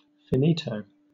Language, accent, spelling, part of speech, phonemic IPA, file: English, Southern England, finito, adjective, /fɪnˈiː.təʊ/, LL-Q1860 (eng)-finito.wav
- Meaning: Finished; over with; done